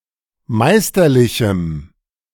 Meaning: strong dative masculine/neuter singular of meisterlich
- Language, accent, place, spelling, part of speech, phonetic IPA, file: German, Germany, Berlin, meisterlichem, adjective, [ˈmaɪ̯stɐˌlɪçm̩], De-meisterlichem.ogg